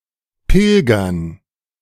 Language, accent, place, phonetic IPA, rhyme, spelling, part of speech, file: German, Germany, Berlin, [ˈpɪlɡɐn], -ɪlɡɐn, Pilgern, noun, De-Pilgern.ogg
- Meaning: dative plural of Pilger